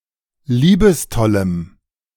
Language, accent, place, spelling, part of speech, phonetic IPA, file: German, Germany, Berlin, liebestollem, adjective, [ˈliːbəsˌtɔləm], De-liebestollem.ogg
- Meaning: strong dative masculine/neuter singular of liebestoll